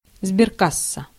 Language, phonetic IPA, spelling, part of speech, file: Russian, [zbʲɪrˈkasːə], сберкасса, noun, Ru-сберкасса.ogg
- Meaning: savings bank (financial institution)